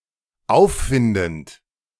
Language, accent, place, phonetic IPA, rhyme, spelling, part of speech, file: German, Germany, Berlin, [ˈaʊ̯fˌfɪndn̩t], -aʊ̯ffɪndn̩t, auffindend, verb, De-auffindend.ogg
- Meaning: present participle of auffinden